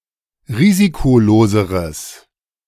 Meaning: strong/mixed nominative/accusative neuter singular comparative degree of risikolos
- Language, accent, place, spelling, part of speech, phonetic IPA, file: German, Germany, Berlin, risikoloseres, adjective, [ˈʁiːzikoˌloːzəʁəs], De-risikoloseres.ogg